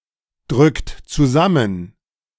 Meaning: inflection of zusammendrücken: 1. second-person plural present 2. third-person singular present 3. plural imperative
- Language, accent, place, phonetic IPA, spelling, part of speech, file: German, Germany, Berlin, [ˌdʁʏkt t͡suˈzamən], drückt zusammen, verb, De-drückt zusammen.ogg